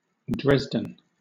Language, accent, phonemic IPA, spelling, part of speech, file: English, Southern England, /ˈdɹɛzdən/, Dresden, proper noun / noun, LL-Q1860 (eng)-Dresden.wav
- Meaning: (proper noun) 1. The capital city of Saxony, Germany, on the River Elbe 2. A village in Kent County, Ontario, Canada